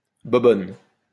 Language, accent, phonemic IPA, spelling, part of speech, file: French, France, /bɔ.bɔn/, bobonne, noun, LL-Q150 (fra)-bobonne.wav
- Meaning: 1. dear, honey 2. missus, wife, partner